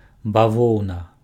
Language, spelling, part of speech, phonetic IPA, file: Belarusian, бавоўна, noun, [baˈvou̯na], Be-бавоўна.ogg
- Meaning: cotton